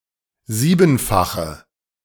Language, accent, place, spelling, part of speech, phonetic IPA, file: German, Germany, Berlin, siebenfache, adjective, [ˈziːbn̩faxə], De-siebenfache.ogg
- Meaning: inflection of siebenfach: 1. strong/mixed nominative/accusative feminine singular 2. strong nominative/accusative plural 3. weak nominative all-gender singular